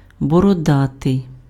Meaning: bearded
- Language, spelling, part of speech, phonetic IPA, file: Ukrainian, бородатий, adjective, [bɔrɔˈdatei̯], Uk-бородатий.ogg